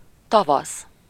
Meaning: spring (season)
- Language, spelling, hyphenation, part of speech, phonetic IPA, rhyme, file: Hungarian, tavasz, ta‧vasz, noun, [ˈtɒvɒs], -ɒs, Hu-tavasz.ogg